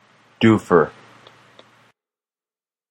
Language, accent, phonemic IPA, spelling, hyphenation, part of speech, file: English, General American, /ˈdufɚ/, doofer, doo‧fer, noun, En-us-doofer.flac
- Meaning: 1. An object whose name the speaker or writer cannot remember or does not know 2. An object whose name the speaker or writer cannot remember or does not know.: The remote control for a television